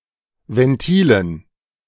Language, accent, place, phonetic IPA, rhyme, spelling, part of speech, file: German, Germany, Berlin, [vɛnˈtiːlən], -iːlən, Ventilen, noun, De-Ventilen.ogg
- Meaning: dative plural of Ventil